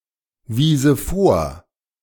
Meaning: first/third-person singular subjunctive II of vorweisen
- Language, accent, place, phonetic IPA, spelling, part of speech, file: German, Germany, Berlin, [ˌviːzə ˈfoːɐ̯], wiese vor, verb, De-wiese vor.ogg